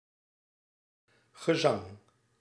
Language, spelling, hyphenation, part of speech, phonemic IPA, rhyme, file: Dutch, gezang, ge‧zang, noun, /ɣəˈzɑŋ/, -ɑŋ, Nl-gezang.ogg
- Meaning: 1. song (the act of singing) 2. song (sung piece of music) 3. song (sung piece of music): a hymn; a religious song, usually excluding psalms